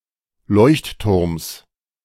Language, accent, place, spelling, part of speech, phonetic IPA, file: German, Germany, Berlin, Leuchtturms, noun, [ˈlɔɪ̯çtˌtʊʁms], De-Leuchtturms.ogg
- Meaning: genitive singular of Leuchtturm